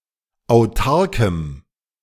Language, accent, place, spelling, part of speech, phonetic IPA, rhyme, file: German, Germany, Berlin, autarkem, adjective, [aʊ̯ˈtaʁkəm], -aʁkəm, De-autarkem.ogg
- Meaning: strong dative masculine/neuter singular of autark